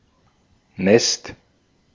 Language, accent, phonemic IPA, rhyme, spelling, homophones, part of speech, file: German, Austria, /nɛst/, -ɛst, Nest, nässt, noun, De-at-Nest.ogg
- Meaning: 1. nest 2. small village